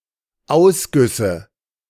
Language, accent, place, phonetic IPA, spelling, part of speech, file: German, Germany, Berlin, [ˈaʊ̯sˌɡʏsə], Ausgüsse, noun, De-Ausgüsse.ogg
- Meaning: nominative/accusative/genitive plural of Ausguss